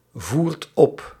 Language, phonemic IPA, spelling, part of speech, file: Dutch, /ˈvuːrt ˈɔp/, voert op, verb, Nl-voert op.ogg
- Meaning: inflection of opvoeren: 1. second/third-person singular present indicative 2. plural imperative